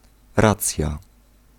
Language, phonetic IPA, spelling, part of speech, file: Polish, [ˈrat͡sʲja], racja, noun / interjection, Pl-racja.ogg